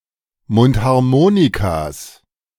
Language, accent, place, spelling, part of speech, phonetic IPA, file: German, Germany, Berlin, Mundharmonikas, noun, [ˈmʊnthaʁˌmoːnikas], De-Mundharmonikas.ogg
- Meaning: plural of Mundharmonika